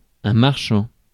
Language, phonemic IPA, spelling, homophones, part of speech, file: French, /maʁ.ʃɑ̃/, marchand, marchands / marchant / marchants, adjective / noun, Fr-marchand.ogg
- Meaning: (adjective) merchant; mercantile; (noun) seller; vendor; merchant